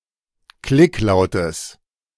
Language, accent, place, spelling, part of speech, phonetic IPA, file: German, Germany, Berlin, Klicklautes, noun, [ˈklɪkˌlaʊ̯təs], De-Klicklautes.ogg
- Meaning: genitive singular of Klicklaut